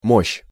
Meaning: might, force, power, strength
- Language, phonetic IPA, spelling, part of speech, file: Russian, [moɕː], мощь, noun, Ru-мощь.ogg